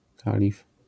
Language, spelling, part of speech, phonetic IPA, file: Polish, kalif, noun, [ˈkalʲif], LL-Q809 (pol)-kalif.wav